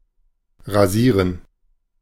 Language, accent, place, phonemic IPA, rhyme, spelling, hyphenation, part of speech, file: German, Germany, Berlin, /ʁaˈziːʁən/, -iːʁən, rasieren, ra‧sie‧ren, verb, De-rasieren.ogg
- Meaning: 1. to shave 2. to discontinue in order to reduce spending etc., to cut back 3. to raze, demolish, utterly destroy 4. to be manifestly successful (against), to duppy, to kick (someone's) ass